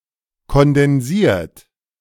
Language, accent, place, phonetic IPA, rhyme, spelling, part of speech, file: German, Germany, Berlin, [kɔndɛnˈziːɐ̯t], -iːɐ̯t, kondensiert, verb, De-kondensiert.ogg
- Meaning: 1. past participle of kondensieren 2. inflection of kondensieren: third-person singular present 3. inflection of kondensieren: second-person plural present